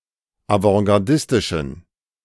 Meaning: inflection of avantgardistisch: 1. strong genitive masculine/neuter singular 2. weak/mixed genitive/dative all-gender singular 3. strong/weak/mixed accusative masculine singular
- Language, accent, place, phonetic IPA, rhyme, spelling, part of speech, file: German, Germany, Berlin, [avɑ̃ɡaʁˈdɪstɪʃn̩], -ɪstɪʃn̩, avantgardistischen, adjective, De-avantgardistischen.ogg